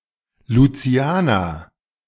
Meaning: Saint Lucian
- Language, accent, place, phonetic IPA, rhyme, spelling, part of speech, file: German, Germany, Berlin, [luˈt͡si̯aːnɐ], -aːnɐ, Lucianer, noun, De-Lucianer.ogg